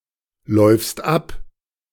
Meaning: second-person singular present of ablaufen
- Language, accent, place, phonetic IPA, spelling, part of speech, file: German, Germany, Berlin, [ˌlɔɪ̯fst ˈap], läufst ab, verb, De-läufst ab.ogg